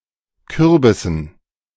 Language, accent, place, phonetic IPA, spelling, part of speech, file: German, Germany, Berlin, [ˈkʏʁbɪsn̩], Kürbissen, noun, De-Kürbissen.ogg
- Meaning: dative plural of Kürbis